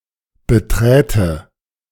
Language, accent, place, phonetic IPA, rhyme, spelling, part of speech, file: German, Germany, Berlin, [bəˈtʁɛːtə], -ɛːtə, beträte, verb, De-beträte.ogg
- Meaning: first/third-person singular subjunctive II of betreten